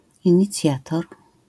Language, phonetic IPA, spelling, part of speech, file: Polish, [ˌĩɲiˈt͡sʲjatɔr], inicjator, noun, LL-Q809 (pol)-inicjator.wav